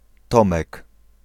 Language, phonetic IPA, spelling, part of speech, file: Polish, [ˈtɔ̃mɛk], Tomek, proper noun, Pl-Tomek.ogg